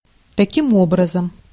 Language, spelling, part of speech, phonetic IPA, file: Russian, таким образом, adverb, [tɐˈkʲim ˈobrəzəm], Ru-таким образом.ogg
- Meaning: thus, therefore, in this way